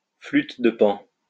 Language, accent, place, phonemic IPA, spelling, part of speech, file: French, France, Lyon, /flyt də pɑ̃/, flûte de Pan, noun, LL-Q150 (fra)-flûte de Pan.wav
- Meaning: panpipes, pan flute